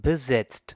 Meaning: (verb) past participle of besetzen; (adjective) occupied; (verb) inflection of besetzen: 1. second/third-person singular present 2. second-person plural present 3. plural imperative
- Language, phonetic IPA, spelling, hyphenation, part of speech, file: German, [bəˈzɛtst], besetzt, be‧setzt, verb / adjective, De-besetzt.ogg